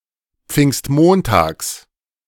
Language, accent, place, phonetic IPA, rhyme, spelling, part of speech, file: German, Germany, Berlin, [ˈp͡fɪŋstˈmoːntaːks], -oːntaːks, Pfingstmontags, noun, De-Pfingstmontags.ogg
- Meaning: genitive singular of Pfingstmontag